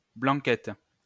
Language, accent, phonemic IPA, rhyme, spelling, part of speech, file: French, France, /blɑ̃.kɛt/, -ɛt, blanquette, noun, LL-Q150 (fra)-blanquette.wav
- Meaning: 1. a variety of white grapes 2. a variety of white grapes: sparkling white wine from Languedoc made from white grapes of the "mauzac" variety 3. a type of summer white pear